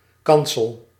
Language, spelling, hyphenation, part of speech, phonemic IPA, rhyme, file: Dutch, kansel, kan‧sel, noun, /ˈkɑnsəl/, -ɑnsəl, Nl-kansel.ogg
- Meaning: pulpit (raised platform in church)